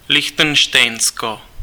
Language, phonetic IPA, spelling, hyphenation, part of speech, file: Czech, [ˈlɪxtɛnʃtɛjn̩sko], Lichtenštejnsko, Lich‧ten‧štejn‧sko, proper noun, Cs-Lichtenštejnsko.ogg
- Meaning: Liechtenstein (a microstate in Central Europe; official name: Lichtenštejnské knížectví)